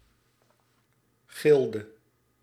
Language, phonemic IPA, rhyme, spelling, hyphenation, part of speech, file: Dutch, /ˈɣɪl.də/, -ɪldə, gilde, gil‧de, noun / verb, Nl-gilde.ogg
- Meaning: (noun) 1. a guild, professional corporation with a legal status and privileges during the Ancien Regime 2. name of certain modern societies; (verb) inflection of gillen: singular past indicative